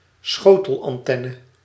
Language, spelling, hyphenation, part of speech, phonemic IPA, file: Dutch, schotelantenne, scho‧tel‧an‧ten‧ne, noun, /ˈsxoː.təl.ɑnˌtɛ.nə/, Nl-schotelantenne.ogg
- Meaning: satellite dish